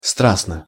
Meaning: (adverb) passionately (in a passionate manner); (adjective) short neuter singular of стра́стный (strástnyj)
- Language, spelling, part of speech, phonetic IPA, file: Russian, страстно, adverb / adjective, [ˈstrasnə], Ru-страстно.ogg